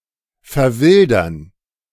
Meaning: to become wild
- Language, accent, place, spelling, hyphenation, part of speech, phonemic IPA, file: German, Germany, Berlin, verwildern, ver‧wil‧dern, verb, /fɛɐ̯ˈvɪldɐn/, De-verwildern.ogg